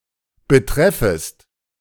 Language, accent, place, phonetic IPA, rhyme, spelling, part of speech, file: German, Germany, Berlin, [bəˈtʁɛfəst], -ɛfəst, betreffest, verb, De-betreffest.ogg
- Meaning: second-person singular subjunctive I of betreffen